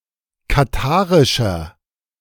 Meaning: inflection of katharisch: 1. strong/mixed nominative masculine singular 2. strong genitive/dative feminine singular 3. strong genitive plural
- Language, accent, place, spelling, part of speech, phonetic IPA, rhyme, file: German, Germany, Berlin, katharischer, adjective, [kaˈtaːʁɪʃɐ], -aːʁɪʃɐ, De-katharischer.ogg